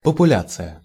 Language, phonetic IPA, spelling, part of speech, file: Russian, [pəpʊˈlʲat͡sɨjə], популяция, noun, Ru-популяция.ogg
- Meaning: population